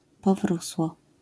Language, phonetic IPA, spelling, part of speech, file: Polish, [pɔˈvruswɔ], powrósło, noun, LL-Q809 (pol)-powrósło.wav